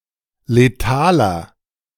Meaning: inflection of letal: 1. strong/mixed nominative masculine singular 2. strong genitive/dative feminine singular 3. strong genitive plural
- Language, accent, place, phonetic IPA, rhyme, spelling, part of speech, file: German, Germany, Berlin, [leˈtaːlɐ], -aːlɐ, letaler, adjective, De-letaler.ogg